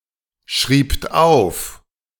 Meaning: second-person plural preterite of aufschreiben
- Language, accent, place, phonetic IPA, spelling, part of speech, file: German, Germany, Berlin, [ˌʃʁiːpt ˈaʊ̯f], schriebt auf, verb, De-schriebt auf.ogg